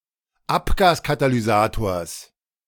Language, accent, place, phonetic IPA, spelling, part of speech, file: German, Germany, Berlin, [ˈapɡaːskatalyˌzaːtoːɐ̯s], Abgaskatalysators, noun, De-Abgaskatalysators.ogg
- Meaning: genitive singular of Abgaskatalysator